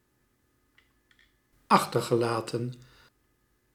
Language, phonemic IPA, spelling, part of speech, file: Dutch, /ˈɑxtərɣəˌlaːtə(n)/, achtergelaten, verb, Nl-achtergelaten.ogg
- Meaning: past participle of achterlaten